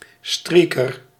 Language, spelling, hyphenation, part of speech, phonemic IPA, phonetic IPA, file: Dutch, streaker, strea‧ker, noun, /ˈstriː.kər/, [ˈstɹiː.kər], Nl-streaker.ogg
- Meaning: a streaker (one who runs naked in public, especially at sports games)